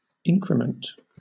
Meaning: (noun) 1. The action of increasing or becoming greater 2. The amount of increase
- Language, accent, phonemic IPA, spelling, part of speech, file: English, Southern England, /ˈɪŋkɹɪmn̩t/, increment, noun / verb, LL-Q1860 (eng)-increment.wav